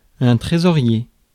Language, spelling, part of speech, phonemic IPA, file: French, trésorier, noun, /tʁe.zɔ.ʁje/, Fr-trésorier.ogg
- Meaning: treasurer (official entrusted with the funds and revenues of an organisation)